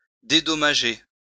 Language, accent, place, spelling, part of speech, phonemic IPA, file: French, France, Lyon, dédommager, verb, /de.dɔ.ma.ʒe/, LL-Q150 (fra)-dédommager.wav
- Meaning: 1. to compensate 2. to make up for